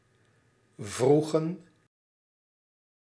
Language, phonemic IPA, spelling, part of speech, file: Dutch, /ˈvruɣə(n)/, vroegen, verb, Nl-vroegen.ogg
- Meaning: inflection of vragen: 1. plural past indicative 2. plural past subjunctive